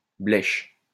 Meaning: 1. soft, pliable 2. ugly 3. bad
- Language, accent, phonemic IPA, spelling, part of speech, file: French, France, /blɛʃ/, blèche, adjective, LL-Q150 (fra)-blèche.wav